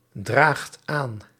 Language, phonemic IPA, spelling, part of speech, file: Dutch, /ˈdraxt ˈan/, draagt aan, verb, Nl-draagt aan.ogg
- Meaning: inflection of aandragen: 1. second/third-person singular present indicative 2. plural imperative